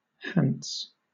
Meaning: Abbreviation of Hampshire
- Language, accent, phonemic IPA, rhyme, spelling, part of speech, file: English, Southern England, /ˈhænts/, -ænts, Hants, proper noun, LL-Q1860 (eng)-Hants.wav